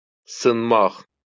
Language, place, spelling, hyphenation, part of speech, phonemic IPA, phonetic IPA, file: Azerbaijani, Baku, sınmaq, sın‧maq, verb, /sɯnˈmɑχ/, [sɯˈmːɑχ], LL-Q9292 (aze)-sınmaq.wav
- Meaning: to break, to break up, break down (of a device, etc.)